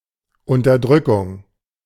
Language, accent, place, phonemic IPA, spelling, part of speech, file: German, Germany, Berlin, /ˌʊntɐˈdʁʏkʊŋ/, Unterdrückung, noun, De-Unterdrückung.ogg
- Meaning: 1. oppression 2. suppression 3. repression